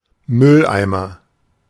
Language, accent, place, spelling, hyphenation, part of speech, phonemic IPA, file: German, Germany, Berlin, Mülleimer, Müll‧ei‧mer, noun, /ˈmʏlˌʔaɪ̯mɐ/, De-Mülleimer.ogg
- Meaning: rubbish bin; dustbin; trash can (small container for wet rubbish, either indoors or a fixed one outdoors)